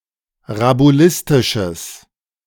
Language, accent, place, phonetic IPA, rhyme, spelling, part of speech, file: German, Germany, Berlin, [ʁabuˈlɪstɪʃəs], -ɪstɪʃəs, rabulistisches, adjective, De-rabulistisches.ogg
- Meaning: strong/mixed nominative/accusative neuter singular of rabulistisch